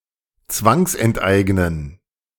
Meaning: to forcefully expropriate
- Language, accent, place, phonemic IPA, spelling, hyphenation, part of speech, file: German, Germany, Berlin, /ˈt͡svaŋsʔɛntˌʔaɪ̯ɡnən/, zwangsenteignen, zwangs‧ent‧eig‧nen, verb, De-zwangsenteignen.ogg